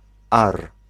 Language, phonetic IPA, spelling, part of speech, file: Polish, [ar], ar, noun, Pl-ar.ogg